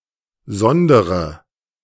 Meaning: inflection of sondern: 1. first-person singular present 2. first-person plural subjunctive I 3. third-person singular subjunctive I 4. singular imperative
- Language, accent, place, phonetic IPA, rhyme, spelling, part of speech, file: German, Germany, Berlin, [ˈzɔndəʁə], -ɔndəʁə, sondere, verb, De-sondere.ogg